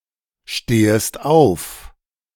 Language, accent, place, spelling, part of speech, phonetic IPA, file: German, Germany, Berlin, stehest auf, verb, [ˌʃteːəst ˈaʊ̯f], De-stehest auf.ogg
- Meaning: second-person singular subjunctive I of aufstehen